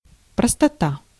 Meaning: simplicity
- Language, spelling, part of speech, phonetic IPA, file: Russian, простота, noun, [prəstɐˈta], Ru-простота.ogg